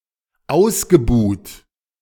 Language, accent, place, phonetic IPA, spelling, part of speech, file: German, Germany, Berlin, [ˈaʊ̯sɡəˌbuːt], ausgebuht, verb, De-ausgebuht.ogg
- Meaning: past participle of ausbuhen